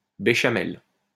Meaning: béchamel sauce; ellipsis of sauce béchamel
- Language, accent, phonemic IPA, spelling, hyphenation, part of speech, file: French, France, /be.ʃa.mɛl/, béchamel, bé‧cha‧mel, noun, LL-Q150 (fra)-béchamel.wav